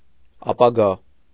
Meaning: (noun) future
- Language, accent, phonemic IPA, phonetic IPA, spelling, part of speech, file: Armenian, Eastern Armenian, /ɑpɑˈɡɑ/, [ɑpɑɡɑ́], ապագա, noun / adjective, Hy-ապագա.ogg